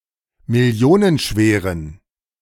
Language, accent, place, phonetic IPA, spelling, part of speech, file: German, Germany, Berlin, [mɪˈli̯oːnənˌʃveːʁən], millionenschweren, adjective, De-millionenschweren.ogg
- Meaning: inflection of millionenschwer: 1. strong genitive masculine/neuter singular 2. weak/mixed genitive/dative all-gender singular 3. strong/weak/mixed accusative masculine singular 4. strong dative plural